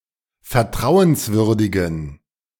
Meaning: inflection of vertrauenswürdig: 1. strong genitive masculine/neuter singular 2. weak/mixed genitive/dative all-gender singular 3. strong/weak/mixed accusative masculine singular
- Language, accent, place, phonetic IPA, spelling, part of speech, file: German, Germany, Berlin, [fɛɐ̯ˈtʁaʊ̯ənsˌvʏʁdɪɡn̩], vertrauenswürdigen, adjective, De-vertrauenswürdigen.ogg